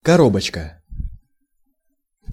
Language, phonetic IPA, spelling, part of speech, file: Russian, [kɐˈrobət͡ɕkə], коробочка, noun, Ru-коробочка.ogg
- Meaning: 1. small box 2. boll, capsule, fruitcase 3. pocket, sandwich